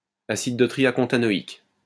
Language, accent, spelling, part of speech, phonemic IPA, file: French, France, acide dotriacontanoïque, noun, /a.sid dɔ.tʁi.ja.kɔ̃.ta.nɔ.ik/, LL-Q150 (fra)-acide dotriacontanoïque.wav
- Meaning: dotriacontanoic acid